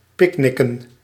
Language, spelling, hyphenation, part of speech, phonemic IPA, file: Dutch, picknicken, pick‧nic‧ken, verb, /ˈpɪkˌnɪ.kə(n)/, Nl-picknicken.ogg
- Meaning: to picnic, to have a picnic